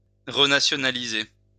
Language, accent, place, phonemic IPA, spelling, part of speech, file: French, France, Lyon, /ʁə.na.sjɔ.na.li.ze/, renationaliser, verb, LL-Q150 (fra)-renationaliser.wav
- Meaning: to renationalize